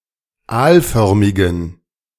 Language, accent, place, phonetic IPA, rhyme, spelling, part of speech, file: German, Germany, Berlin, [ˈaːlˌfœʁmɪɡn̩], -aːlfœʁmɪɡn̩, aalförmigen, adjective, De-aalförmigen.ogg
- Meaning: inflection of aalförmig: 1. strong genitive masculine/neuter singular 2. weak/mixed genitive/dative all-gender singular 3. strong/weak/mixed accusative masculine singular 4. strong dative plural